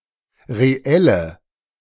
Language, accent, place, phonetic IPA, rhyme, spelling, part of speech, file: German, Germany, Berlin, [ʁeˈɛlə], -ɛlə, reelle, adjective, De-reelle.ogg
- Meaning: inflection of reell: 1. strong/mixed nominative/accusative feminine singular 2. strong nominative/accusative plural 3. weak nominative all-gender singular 4. weak accusative feminine/neuter singular